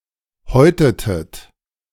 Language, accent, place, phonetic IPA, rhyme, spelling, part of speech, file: German, Germany, Berlin, [ˈhɔɪ̯tətət], -ɔɪ̯tətət, häutetet, verb, De-häutetet.ogg
- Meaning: inflection of häuten: 1. second-person plural preterite 2. second-person plural subjunctive II